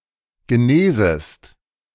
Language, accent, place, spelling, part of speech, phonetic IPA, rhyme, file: German, Germany, Berlin, genesest, verb, [ɡəˈneːzəst], -eːzəst, De-genesest.ogg
- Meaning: second-person singular subjunctive I of genesen